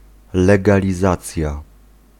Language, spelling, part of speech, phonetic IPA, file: Polish, legalizacja, noun, [ˌlɛɡalʲiˈzat͡sʲja], Pl-legalizacja.ogg